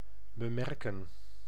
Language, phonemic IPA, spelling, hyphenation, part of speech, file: Dutch, /bəˈmɛrkə(n)/, bemerken, be‧mer‧ken, verb, Nl-bemerken.ogg
- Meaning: to notice; to take notice of